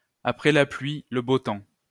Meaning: every cloud has a silver lining
- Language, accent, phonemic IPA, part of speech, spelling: French, France, /a.pʁɛ la plɥi | lə bo tɑ̃/, proverb, après la pluie, le beau temps